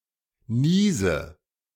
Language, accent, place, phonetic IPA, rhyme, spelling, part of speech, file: German, Germany, Berlin, [ˈniːzə], -iːzə, niese, verb, De-niese.ogg
- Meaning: inflection of niesen: 1. first-person singular present 2. first/third-person singular subjunctive I 3. singular imperative